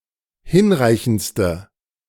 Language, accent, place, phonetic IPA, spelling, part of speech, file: German, Germany, Berlin, [ˈhɪnˌʁaɪ̯çn̩t͡stə], hinreichendste, adjective, De-hinreichendste.ogg
- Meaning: inflection of hinreichend: 1. strong/mixed nominative/accusative feminine singular superlative degree 2. strong nominative/accusative plural superlative degree